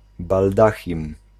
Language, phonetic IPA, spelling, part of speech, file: Polish, [balˈdaxʲĩm], baldachim, noun, Pl-baldachim.ogg